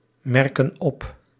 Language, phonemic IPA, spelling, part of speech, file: Dutch, /ˈmɛrkə(n) ˈɔp/, merken op, verb, Nl-merken op.ogg
- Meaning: inflection of opmerken: 1. plural present indicative 2. plural present subjunctive